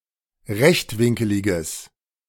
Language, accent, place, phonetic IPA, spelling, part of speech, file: German, Germany, Berlin, [ˈʁɛçtˌvɪŋkəlɪɡəs], rechtwinkeliges, adjective, De-rechtwinkeliges.ogg
- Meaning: strong/mixed nominative/accusative neuter singular of rechtwinkelig